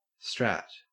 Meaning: Clipping of strategy
- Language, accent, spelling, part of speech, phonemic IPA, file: English, Australia, strat, noun, /stɹæt/, En-au-strat.ogg